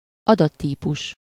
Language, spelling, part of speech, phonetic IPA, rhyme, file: Hungarian, adattípus, noun, [ˈɒdɒtːiːpuʃ], -uʃ, Hu-adattípus.ogg
- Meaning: data type